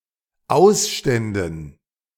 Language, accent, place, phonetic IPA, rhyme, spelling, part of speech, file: German, Germany, Berlin, [ˈaʊ̯sˌʃtɛndn̩], -aʊ̯sʃtɛndn̩, Ausständen, noun, De-Ausständen.ogg
- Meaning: dative plural of Ausstand